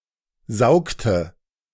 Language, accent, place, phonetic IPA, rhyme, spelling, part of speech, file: German, Germany, Berlin, [ˈzaʊ̯ktə], -aʊ̯ktə, saugte, verb, De-saugte.ogg
- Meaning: inflection of saugen: 1. first/third-person singular preterite 2. first/third-person singular subjunctive II